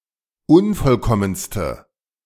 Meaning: inflection of unvollkommen: 1. strong/mixed nominative/accusative feminine singular superlative degree 2. strong nominative/accusative plural superlative degree
- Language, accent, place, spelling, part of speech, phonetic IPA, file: German, Germany, Berlin, unvollkommenste, adjective, [ˈʊnfɔlˌkɔmənstə], De-unvollkommenste.ogg